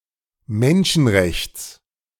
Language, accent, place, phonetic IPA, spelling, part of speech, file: German, Germany, Berlin, [ˈmɛnʃn̩ˌʁɛçt͡s], Menschenrechts, noun, De-Menschenrechts.ogg
- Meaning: genitive singular of Menschenrecht